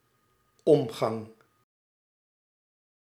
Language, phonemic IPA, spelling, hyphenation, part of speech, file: Dutch, /ˈɔm.ɣɑŋ/, omgang, om‧gang, noun, Nl-omgang.ogg
- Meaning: 1. contact, interaction, intercourse 2. contact, relationship, association (family, sexual etc...) 3. a procession (march) 4. gallery around a tower 5. rotation, revolution